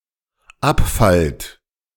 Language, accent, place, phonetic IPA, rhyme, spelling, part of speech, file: German, Germany, Berlin, [ˈapˌfalt], -apfalt, abfallt, verb, De-abfallt.ogg
- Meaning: second-person plural dependent present of abfallen